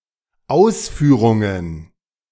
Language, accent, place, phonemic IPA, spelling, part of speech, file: German, Germany, Berlin, /ˈʔaʊ̯sˌfyːʁʊŋən/, Ausführungen, noun, De-Ausführungen.ogg
- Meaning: plural of Ausführung